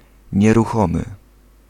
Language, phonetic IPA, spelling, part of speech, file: Polish, [ˌɲɛruˈxɔ̃mɨ], nieruchomy, adjective, Pl-nieruchomy.ogg